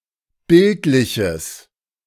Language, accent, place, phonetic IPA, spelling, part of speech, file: German, Germany, Berlin, [ˈbɪltlɪçəs], bildliches, adjective, De-bildliches.ogg
- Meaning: strong/mixed nominative/accusative neuter singular of bildlich